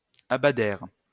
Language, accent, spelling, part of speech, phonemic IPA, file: French, France, abadèrent, verb, /a.ba.dɛʁ/, LL-Q150 (fra)-abadèrent.wav
- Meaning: third-person plural past historic of abader